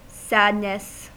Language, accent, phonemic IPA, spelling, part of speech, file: English, US, /ˈsædnəs/, sadness, noun, En-us-sadness.ogg
- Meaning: 1. The state or emotion of being sad 2. An event in one's life that causes sadness